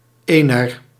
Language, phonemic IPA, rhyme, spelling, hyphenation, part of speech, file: Dutch, /eː.nər/, -eːnər, ener, ener, article, Nl-ener.ogg
- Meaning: 1. genitive feminine of een; of a 2. dative feminine of een; to a, for a